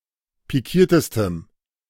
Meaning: strong dative masculine/neuter singular superlative degree of pikiert
- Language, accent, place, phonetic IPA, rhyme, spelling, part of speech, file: German, Germany, Berlin, [piˈkiːɐ̯təstəm], -iːɐ̯təstəm, pikiertestem, adjective, De-pikiertestem.ogg